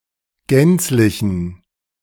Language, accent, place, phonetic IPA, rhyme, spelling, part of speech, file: German, Germany, Berlin, [ˈɡɛnt͡slɪçn̩], -ɛnt͡slɪçn̩, gänzlichen, adjective, De-gänzlichen.ogg
- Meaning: inflection of gänzlich: 1. strong genitive masculine/neuter singular 2. weak/mixed genitive/dative all-gender singular 3. strong/weak/mixed accusative masculine singular 4. strong dative plural